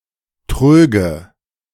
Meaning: first/third-person singular subjunctive II of trügen
- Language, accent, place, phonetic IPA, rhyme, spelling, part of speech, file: German, Germany, Berlin, [ˈtʁøːɡə], -øːɡə, tröge, verb, De-tröge.ogg